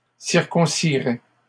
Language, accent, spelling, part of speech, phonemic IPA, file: French, Canada, circoncirais, verb, /siʁ.kɔ̃.si.ʁɛ/, LL-Q150 (fra)-circoncirais.wav
- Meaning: first/second-person singular conditional of circoncire